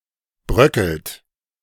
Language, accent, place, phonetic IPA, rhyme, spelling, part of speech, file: German, Germany, Berlin, [ˈbʁœkl̩t], -œkl̩t, bröckelt, verb, De-bröckelt.ogg
- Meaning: inflection of bröckeln: 1. third-person singular present 2. second-person plural present 3. plural imperative